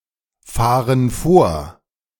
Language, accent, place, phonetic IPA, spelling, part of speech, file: German, Germany, Berlin, [ˌfaːʁən ˈfoːɐ̯], fahren vor, verb, De-fahren vor.ogg
- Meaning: inflection of vorfahren: 1. first/third-person plural present 2. first/third-person plural subjunctive I